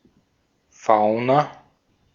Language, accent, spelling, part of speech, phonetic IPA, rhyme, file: German, Austria, Fauna, noun / proper noun, [ˈfaʊ̯na], -aʊ̯na, De-at-Fauna.ogg
- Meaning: fauna